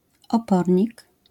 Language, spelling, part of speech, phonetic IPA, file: Polish, opornik, noun, [ɔˈpɔrʲɲik], LL-Q809 (pol)-opornik.wav